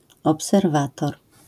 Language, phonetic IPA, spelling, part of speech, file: Polish, [ˌɔpsɛrˈvatɔr], obserwator, noun, LL-Q809 (pol)-obserwator.wav